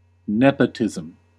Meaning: The favoring of relatives (most strictly) or also personal friends (more broadly) because of their relationship rather than because of their abilities
- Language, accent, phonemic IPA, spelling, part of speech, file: English, US, /ˈnɛp.ə.tɪ.zəm/, nepotism, noun, En-us-nepotism.ogg